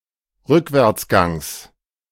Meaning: genitive singular of Rückwärtsgang
- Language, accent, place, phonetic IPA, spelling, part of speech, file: German, Germany, Berlin, [ˈʁʏkvɛʁt͡sˌɡaŋs], Rückwärtsgangs, noun, De-Rückwärtsgangs.ogg